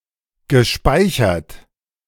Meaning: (verb) past participle of speichern; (adjective) stored, saved
- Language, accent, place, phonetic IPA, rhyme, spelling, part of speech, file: German, Germany, Berlin, [ɡəˈʃpaɪ̯çɐt], -aɪ̯çɐt, gespeichert, verb, De-gespeichert.ogg